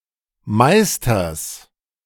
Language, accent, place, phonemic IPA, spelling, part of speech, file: German, Germany, Berlin, /ˈmaɪ̯stɐs/, Meisters, noun, De-Meisters.ogg
- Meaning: genitive singular of Meister